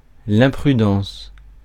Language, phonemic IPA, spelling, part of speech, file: French, /ɛ̃.pʁy.dɑ̃s/, imprudence, noun, Fr-imprudence.ogg
- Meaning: imprudence, rashness